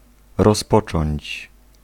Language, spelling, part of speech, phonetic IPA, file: Polish, rozpocząć, verb, [rɔsˈpɔt͡ʃɔ̃ɲt͡ɕ], Pl-rozpocząć.ogg